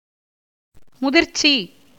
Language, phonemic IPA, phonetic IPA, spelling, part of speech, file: Tamil, /mʊd̪ɪɾtʃtʃiː/, [mʊd̪ɪɾssiː], முதிர்ச்சி, noun, Ta-முதிர்ச்சி.ogg
- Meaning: 1. maturity, ripeness 2. great age, old age 3. excellence in learning or experience 4. arrogance